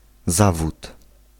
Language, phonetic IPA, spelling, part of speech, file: Polish, [ˈzavut], zawód, noun, Pl-zawód.ogg